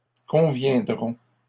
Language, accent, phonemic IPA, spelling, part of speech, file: French, Canada, /kɔ̃.vjɛ̃.dʁɔ̃/, conviendront, verb, LL-Q150 (fra)-conviendront.wav
- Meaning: third-person plural future of convenir